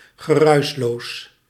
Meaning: soundless, silent
- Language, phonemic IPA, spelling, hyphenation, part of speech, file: Dutch, /ɣəˈrœy̯s.loːs/, geruisloos, ge‧ruis‧loos, adjective, Nl-geruisloos.ogg